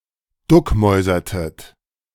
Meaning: inflection of duckmäusern: 1. second-person plural preterite 2. second-person plural subjunctive II
- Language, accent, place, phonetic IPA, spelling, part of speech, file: German, Germany, Berlin, [ˈdʊkˌmɔɪ̯zɐtət], duckmäusertet, verb, De-duckmäusertet.ogg